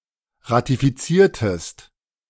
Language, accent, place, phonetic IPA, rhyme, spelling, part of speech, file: German, Germany, Berlin, [ʁatifiˈt͡siːɐ̯təst], -iːɐ̯təst, ratifiziertest, verb, De-ratifiziertest.ogg
- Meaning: inflection of ratifizieren: 1. second-person singular preterite 2. second-person singular subjunctive II